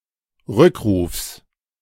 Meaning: genitive of Rückruf
- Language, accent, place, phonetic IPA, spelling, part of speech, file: German, Germany, Berlin, [ˈʁʏkˌʁuːfs], Rückrufs, noun, De-Rückrufs.ogg